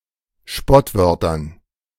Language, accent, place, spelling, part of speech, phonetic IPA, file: German, Germany, Berlin, Spottwörtern, noun, [ˈʃpɔtˌvœʁtɐn], De-Spottwörtern.ogg
- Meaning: dative plural of Spottwort